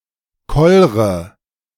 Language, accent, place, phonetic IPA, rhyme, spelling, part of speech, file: German, Germany, Berlin, [ˈkɔlʁə], -ɔlʁə, kollre, verb, De-kollre.ogg
- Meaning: inflection of kollern: 1. first-person singular present 2. first/third-person singular subjunctive I 3. singular imperative